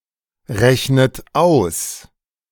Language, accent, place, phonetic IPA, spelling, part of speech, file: German, Germany, Berlin, [ˌʁɛçnət ˈaʊ̯s], rechnet aus, verb, De-rechnet aus.ogg
- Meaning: inflection of ausrechnen: 1. third-person singular present 2. second-person plural present 3. second-person plural subjunctive I 4. plural imperative